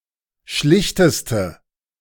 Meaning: inflection of schlicht: 1. strong/mixed nominative/accusative feminine singular superlative degree 2. strong nominative/accusative plural superlative degree
- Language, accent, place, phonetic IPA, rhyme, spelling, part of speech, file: German, Germany, Berlin, [ˈʃlɪçtəstə], -ɪçtəstə, schlichteste, adjective, De-schlichteste.ogg